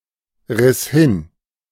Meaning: first/third-person singular preterite of hinreißen
- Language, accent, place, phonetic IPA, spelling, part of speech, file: German, Germany, Berlin, [ˌʁɪs ˈhɪn], riss hin, verb, De-riss hin.ogg